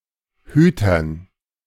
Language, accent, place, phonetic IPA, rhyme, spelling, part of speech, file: German, Germany, Berlin, [ˈhyːtɐn], -yːtɐn, Hütern, noun, De-Hütern.ogg
- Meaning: dative plural of Hüter